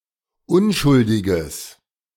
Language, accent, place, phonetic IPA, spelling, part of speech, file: German, Germany, Berlin, [ˈʊnʃʊldɪɡəs], unschuldiges, adjective, De-unschuldiges.ogg
- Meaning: strong/mixed nominative/accusative neuter singular of unschuldig